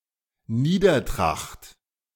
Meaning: malice, perfidy, infamy, ignominy
- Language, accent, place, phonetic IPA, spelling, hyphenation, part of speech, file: German, Germany, Berlin, [ˈniːdɐˌtʁaχt], Niedertracht, Nie‧der‧tracht, noun, De-Niedertracht.ogg